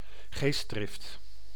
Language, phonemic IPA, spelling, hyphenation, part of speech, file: Dutch, /ˈɣeːs(t).drɪft/, geestdrift, geest‧drift, noun, Nl-geestdrift.ogg
- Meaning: enthusiasm, passion